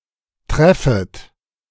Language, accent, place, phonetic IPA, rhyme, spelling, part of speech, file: German, Germany, Berlin, [ˈtʁɛfət], -ɛfət, treffet, verb, De-treffet.ogg
- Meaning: second-person plural subjunctive I of treffen